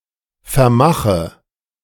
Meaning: inflection of vermachen: 1. first-person singular present 2. first/third-person singular subjunctive I 3. singular imperative
- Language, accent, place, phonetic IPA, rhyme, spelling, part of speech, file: German, Germany, Berlin, [fɛɐ̯ˈmaxə], -axə, vermache, verb, De-vermache.ogg